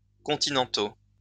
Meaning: masculine plural of continental
- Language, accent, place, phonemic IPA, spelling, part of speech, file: French, France, Lyon, /kɔ̃.ti.nɑ̃.to/, continentaux, adjective, LL-Q150 (fra)-continentaux.wav